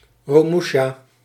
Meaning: a romusha; an Indonesian or Dutch East Indian subject who had to perform penal servitude for the Japanese during the Second World War
- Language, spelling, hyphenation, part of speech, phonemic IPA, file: Dutch, romusha, ro‧mu‧sha, noun, /ˌroːˈmu.ʃaː/, Nl-romusha.ogg